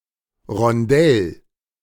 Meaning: 1. round place 2. circular flowerbed 3. circular garden path 4. turret, round tower 5. roundabout
- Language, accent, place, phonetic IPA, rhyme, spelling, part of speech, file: German, Germany, Berlin, [ʁɔnˈdɛl], -ɛl, Rondell, noun, De-Rondell.ogg